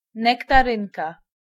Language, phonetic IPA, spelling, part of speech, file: Polish, [ˌnɛktaˈrɨ̃nka], nektarynka, noun, Pl-nektarynka.ogg